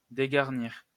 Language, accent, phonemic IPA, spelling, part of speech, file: French, France, /de.ɡaʁ.niʁ/, dégarnir, verb, LL-Q150 (fra)-dégarnir.wav
- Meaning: 1. to strip, clear (remove) 2. to reduce troop numbers (of a battalion or army) 3. to go bald